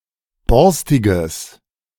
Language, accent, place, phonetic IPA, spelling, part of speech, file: German, Germany, Berlin, [ˈbɔʁstɪɡəs], borstiges, adjective, De-borstiges.ogg
- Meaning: strong/mixed nominative/accusative neuter singular of borstig